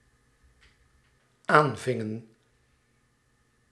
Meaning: inflection of aanvangen: 1. plural dependent-clause past indicative 2. plural dependent-clause past subjunctive
- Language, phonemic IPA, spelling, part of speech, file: Dutch, /ˈaɱvɪŋə(n)/, aanvingen, verb, Nl-aanvingen.ogg